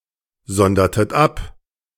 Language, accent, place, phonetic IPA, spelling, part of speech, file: German, Germany, Berlin, [ˌzɔndɐtət ˈap], sondertet ab, verb, De-sondertet ab.ogg
- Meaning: inflection of absondern: 1. second-person plural preterite 2. second-person plural subjunctive II